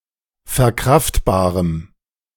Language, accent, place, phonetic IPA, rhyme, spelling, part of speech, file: German, Germany, Berlin, [fɛɐ̯ˈkʁaftbaːʁəm], -aftbaːʁəm, verkraftbarem, adjective, De-verkraftbarem.ogg
- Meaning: strong dative masculine/neuter singular of verkraftbar